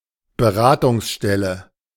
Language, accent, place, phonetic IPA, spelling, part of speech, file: German, Germany, Berlin, [bəˈʁaːtʊŋsˌʃtɛlə], Beratungsstelle, noun, De-Beratungsstelle.ogg
- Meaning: advice centre